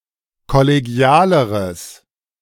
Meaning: strong/mixed nominative/accusative neuter singular comparative degree of kollegial
- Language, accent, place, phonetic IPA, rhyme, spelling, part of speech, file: German, Germany, Berlin, [kɔleˈɡi̯aːləʁəs], -aːləʁəs, kollegialeres, adjective, De-kollegialeres.ogg